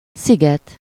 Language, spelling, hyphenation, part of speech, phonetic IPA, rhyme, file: Hungarian, sziget, szi‧get, noun, [ˈsiɡɛt], -ɛt, Hu-sziget.ogg
- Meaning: island